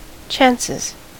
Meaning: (noun) plural of chance; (verb) third-person singular simple present indicative of chance
- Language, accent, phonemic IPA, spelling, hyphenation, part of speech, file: English, US, /ˈt͡ʃænsɪz/, chances, chances, noun / verb, En-us-chances.ogg